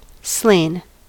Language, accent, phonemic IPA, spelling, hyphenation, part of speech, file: English, US, /sleɪ̯n/, slain, slain, verb / noun, En-us-slain.ogg
- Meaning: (verb) past participle of slay; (noun) Those who have been killed